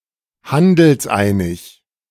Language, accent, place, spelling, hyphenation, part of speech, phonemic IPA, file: German, Germany, Berlin, handelseinig, han‧dels‧ei‧nig, adjective, /ˈhandl̩sˌʔaɪ̯nɪç/, De-handelseinig.ogg
- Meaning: in agreement